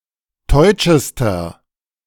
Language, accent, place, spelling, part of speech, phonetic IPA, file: German, Germany, Berlin, teutschester, adjective, [ˈtɔɪ̯t͡ʃəstɐ], De-teutschester.ogg
- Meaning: inflection of teutsch: 1. strong/mixed nominative masculine singular superlative degree 2. strong genitive/dative feminine singular superlative degree 3. strong genitive plural superlative degree